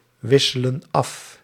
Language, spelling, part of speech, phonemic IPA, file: Dutch, wisselen af, verb, /ˈwɪsələ(n) ˈɑf/, Nl-wisselen af.ogg
- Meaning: inflection of afwisselen: 1. plural present indicative 2. plural present subjunctive